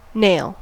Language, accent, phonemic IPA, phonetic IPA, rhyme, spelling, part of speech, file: English, US, /neɪl/, [neɪ̯ɫ], -eɪl, nail, noun / verb, En-us-nail.ogg
- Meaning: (noun) The horny plate or appendage at the ends of the digits of various animals, including most reptiles, birds, and mammals (both nonhuman and human)